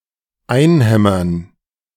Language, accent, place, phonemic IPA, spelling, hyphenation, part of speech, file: German, Germany, Berlin, /ˈaɪ̯nˌhɛmɐn/, einhämmern, ein‧häm‧mern, verb, De-einhämmern.ogg
- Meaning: 1. to hammer in; to drive in (e.g. a nail, stake) 2. to hammer (to repeatedly hit with a hammer) 3. to hammer, to drill (to repeatedly instruct someone)